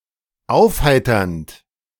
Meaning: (verb) present participle of aufheitern; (adjective) 1. cheering, encouraging 2. brightening, clearing (of weather)
- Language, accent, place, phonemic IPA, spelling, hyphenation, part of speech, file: German, Germany, Berlin, /ˈaʊ̯fˌhaɪ̯tɐnt/, aufheiternd, auf‧hei‧ternd, verb / adjective, De-aufheiternd.ogg